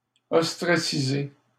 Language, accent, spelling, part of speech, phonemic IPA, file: French, Canada, ostraciser, verb, /ɔs.tʁa.si.ze/, LL-Q150 (fra)-ostraciser.wav
- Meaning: to ostracize